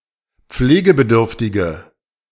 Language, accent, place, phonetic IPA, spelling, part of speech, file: German, Germany, Berlin, [ˈp͡fleːɡəbəˌdʏʁftɪɡə], pflegebedürftige, adjective, De-pflegebedürftige.ogg
- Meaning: inflection of pflegebedürftig: 1. strong/mixed nominative/accusative feminine singular 2. strong nominative/accusative plural 3. weak nominative all-gender singular